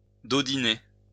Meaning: to shake, swing, rock (gently)
- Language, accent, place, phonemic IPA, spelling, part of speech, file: French, France, Lyon, /dɔ.di.ne/, dodiner, verb, LL-Q150 (fra)-dodiner.wav